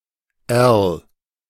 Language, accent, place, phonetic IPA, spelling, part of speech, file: German, Germany, Berlin, [ɐl], -erl, suffix, De--erl.ogg
- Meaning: suffix used to create a diminutive form